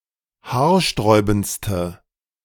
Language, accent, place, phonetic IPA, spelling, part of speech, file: German, Germany, Berlin, [ˈhaːɐ̯ˌʃtʁɔɪ̯bn̩t͡stə], haarsträubendste, adjective, De-haarsträubendste.ogg
- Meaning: inflection of haarsträubend: 1. strong/mixed nominative/accusative feminine singular superlative degree 2. strong nominative/accusative plural superlative degree